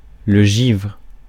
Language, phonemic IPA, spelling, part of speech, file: French, /ʒivʁ/, givre, noun / verb, Fr-givre.ogg
- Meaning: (noun) 1. frost (icy coating) 2. hoarfrost, rime; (verb) inflection of givrer: 1. first/third-person singular present indicative/subjunctive 2. second-person singular imperative